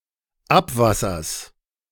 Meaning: genitive singular of Abwasser
- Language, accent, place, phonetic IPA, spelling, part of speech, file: German, Germany, Berlin, [ˈapˌvasɐs], Abwassers, noun, De-Abwassers.ogg